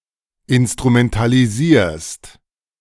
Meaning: second-person singular present of instrumentalisieren
- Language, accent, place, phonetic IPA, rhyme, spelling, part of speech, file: German, Germany, Berlin, [ɪnstʁumɛntaliˈziːɐ̯st], -iːɐ̯st, instrumentalisierst, verb, De-instrumentalisierst.ogg